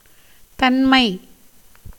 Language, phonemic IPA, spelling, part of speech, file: Tamil, /t̪ɐnmɐɪ̯/, தன்மை, noun / adjective, Ta-தன்மை.ogg
- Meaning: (noun) 1. nature, property, essence 2. character, temper, disposition 3. state, condition, position, circumstances 4. good temperament, goodness 5. manner, method, kind, order